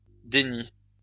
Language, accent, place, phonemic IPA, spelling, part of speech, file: French, France, Lyon, /de.ni/, déni, noun, LL-Q150 (fra)-déni.wav
- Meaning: denial